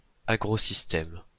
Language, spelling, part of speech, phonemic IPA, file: French, agrosystème, noun, /a.ɡʁo.sis.tɛm/, LL-Q150 (fra)-agrosystème.wav
- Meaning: agrosystem (agricultural ecosystem)